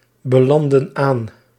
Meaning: inflection of aanbelanden: 1. plural past indicative 2. plural past subjunctive
- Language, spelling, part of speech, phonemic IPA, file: Dutch, belandden aan, verb, /bəˈlɑndə(n) ˈan/, Nl-belandden aan.ogg